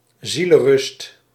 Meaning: peace of mind
- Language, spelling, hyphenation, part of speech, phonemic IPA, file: Dutch, zielenrust, zie‧len‧rust, noun, /ˈzi.lə(n)ˌrʏst/, Nl-zielenrust.ogg